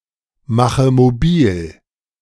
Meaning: inflection of mobilmachen: 1. first-person singular present 2. first/third-person singular subjunctive I 3. singular imperative
- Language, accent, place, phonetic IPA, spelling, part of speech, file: German, Germany, Berlin, [ˌmaxə moˈbiːl], mache mobil, verb, De-mache mobil.ogg